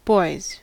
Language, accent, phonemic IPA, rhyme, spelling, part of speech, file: English, US, /bɔɪz/, -ɔɪz, boys, noun, En-us-boys.ogg
- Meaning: 1. plural of boy 2. The testicles